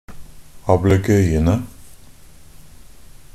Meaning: definite plural of ablegøye
- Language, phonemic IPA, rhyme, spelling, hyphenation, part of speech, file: Norwegian Bokmål, /abləˈɡœʏənə/, -ənə, ablegøyene, ab‧le‧gøy‧en‧e, noun, NB - Pronunciation of Norwegian Bokmål «ablegøyene».ogg